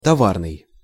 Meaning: 1. commodity 2. goods, freight 3. trade
- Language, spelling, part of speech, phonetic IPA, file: Russian, товарный, adjective, [tɐˈvarnɨj], Ru-товарный.ogg